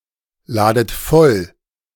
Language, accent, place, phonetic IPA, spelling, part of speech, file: German, Germany, Berlin, [ˌlaːdət ˈfɔl], ladet voll, verb, De-ladet voll.ogg
- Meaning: inflection of vollladen: 1. second-person plural present 2. second-person plural subjunctive I 3. plural imperative